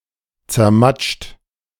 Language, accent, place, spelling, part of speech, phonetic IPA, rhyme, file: German, Germany, Berlin, zermatscht, verb, [t͡sɛɐ̯ˈmat͡ʃt], -at͡ʃt, De-zermatscht.ogg
- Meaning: 1. past participle of zermatschen 2. inflection of zermatschen: second-person plural present 3. inflection of zermatschen: third-person singular present 4. inflection of zermatschen: plural imperative